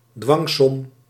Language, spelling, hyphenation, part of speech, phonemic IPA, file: Dutch, dwangsom, dwang‧som, noun, /ˈdʋɑŋ.sɔm/, Nl-dwangsom.ogg
- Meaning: a financial penalty; a sum of money that one is legally required to pay, especially in civil or administrative law